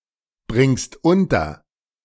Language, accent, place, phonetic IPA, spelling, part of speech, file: German, Germany, Berlin, [ˌbʁɪŋst ˈʊntɐ], bringst unter, verb, De-bringst unter.ogg
- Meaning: second-person singular present of unterbringen